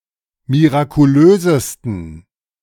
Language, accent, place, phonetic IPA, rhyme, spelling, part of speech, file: German, Germany, Berlin, [miʁakuˈløːzəstn̩], -øːzəstn̩, mirakulösesten, adjective, De-mirakulösesten.ogg
- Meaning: 1. superlative degree of mirakulös 2. inflection of mirakulös: strong genitive masculine/neuter singular superlative degree